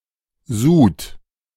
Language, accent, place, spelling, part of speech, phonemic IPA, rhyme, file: German, Germany, Berlin, Sud, noun, /zuːt/, -uːt, De-Sud.ogg
- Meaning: 1. broth, stock, brew (liquid that remains after cooking, boiling) 2. dregs, residue (especially, but not only, from boiling) 3. the process of boiling 4. a boiling liquid